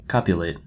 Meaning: To engage in sexual intercourse
- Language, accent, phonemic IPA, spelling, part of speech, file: English, US, /ˈkɔ.pjə.leɪt/, copulate, verb, En-us-copulate.oga